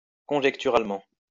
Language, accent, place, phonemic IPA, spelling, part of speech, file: French, France, Lyon, /kɔ̃.ʒɛk.ty.ʁal.mɑ̃/, conjecturalement, adverb, LL-Q150 (fra)-conjecturalement.wav
- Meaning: conjecturally